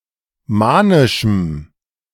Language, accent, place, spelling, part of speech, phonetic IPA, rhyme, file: German, Germany, Berlin, manischem, adjective, [ˈmaːnɪʃm̩], -aːnɪʃm̩, De-manischem.ogg
- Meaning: strong dative masculine/neuter singular of manisch